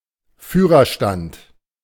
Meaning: 1. driver's cabin 2. cockpit
- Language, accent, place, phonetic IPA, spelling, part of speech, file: German, Germany, Berlin, [ˈfyːʁɐˌʃtant], Führerstand, noun, De-Führerstand.ogg